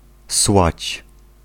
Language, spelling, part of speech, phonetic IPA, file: Polish, słać, verb, [swat͡ɕ], Pl-słać.ogg